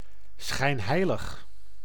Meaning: sanctimonious, hypocritical
- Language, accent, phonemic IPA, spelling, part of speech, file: Dutch, Netherlands, /sxɛi̯n.ˈɦɛi̯.ləx/, schijnheilig, adjective, Nl-schijnheilig.ogg